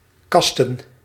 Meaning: plural of kast
- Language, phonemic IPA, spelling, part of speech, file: Dutch, /ˈkɑstə(n)/, kasten, noun, Nl-kasten.ogg